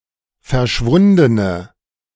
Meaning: inflection of verschwunden: 1. strong/mixed nominative/accusative feminine singular 2. strong nominative/accusative plural 3. weak nominative all-gender singular
- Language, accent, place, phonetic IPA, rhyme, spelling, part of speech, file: German, Germany, Berlin, [fɛɐ̯ˈʃvʊndənə], -ʊndənə, verschwundene, adjective, De-verschwundene.ogg